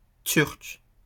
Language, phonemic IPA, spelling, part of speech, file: French, /tyʁk/, turc, adjective / noun, LL-Q150 (fra)-turc.wav
- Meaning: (adjective) of Turkey; Turkish; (noun) Turkish; the Turkish language